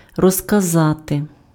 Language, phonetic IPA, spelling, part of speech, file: Ukrainian, [rɔzkɐˈzate], розказати, verb, Uk-розказати.ogg
- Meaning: to tell, to narrate, to recount, to relate